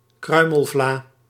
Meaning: crumble pie
- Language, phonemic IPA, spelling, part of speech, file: Dutch, /ˈkrœy̯məlvlaːi̯/, kruimelvlaai, noun, Nl-kruimelvlaai.ogg